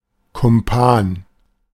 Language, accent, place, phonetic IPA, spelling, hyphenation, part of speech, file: German, Germany, Berlin, [kʊmˈpaːn], Kumpan, Kum‧pan, noun, De-Kumpan.ogg
- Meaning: 1. friend in the same business (male or of unspecified gender) 2. crony (male or of unspecified gender)